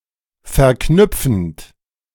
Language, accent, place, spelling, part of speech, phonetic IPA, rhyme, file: German, Germany, Berlin, verknüpfend, verb, [fɛɐ̯ˈknʏp͡fn̩t], -ʏp͡fn̩t, De-verknüpfend.ogg
- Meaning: present participle of verknüpfen